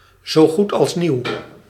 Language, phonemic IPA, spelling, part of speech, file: Dutch, /zoˌɣutɑlsˈniw/, z.g.a.n., adjective, Nl-z.g.a.n..ogg
- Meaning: initialism of zo goed als nieuw